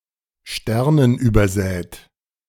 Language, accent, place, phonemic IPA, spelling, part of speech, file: German, Germany, Berlin, /ˈʃtɛrnən.yːbɐˌzɛːt/, sternenübersät, adjective, De-sternenübersät.ogg
- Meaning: star-strewn, star-studded